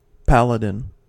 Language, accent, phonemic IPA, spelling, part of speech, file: English, US, /ˈpælədɪn/, paladin, noun, En-us-paladin.ogg
- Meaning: 1. A heroic champion, especially a knight 2. A defender or advocate of a noble cause 3. Any of the twelve Companions of the court of Emperor Charlemagne